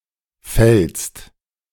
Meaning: 1. second-person singular present of fallen 2. second-person singular present of fällen
- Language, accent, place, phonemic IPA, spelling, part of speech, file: German, Germany, Berlin, /fɛlst/, fällst, verb, De-fällst.ogg